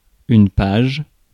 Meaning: 1. page (of a book, etc.) 2. page, web page 3. page, page boy
- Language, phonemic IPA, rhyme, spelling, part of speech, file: French, /paʒ/, -aʒ, page, noun, Fr-page.ogg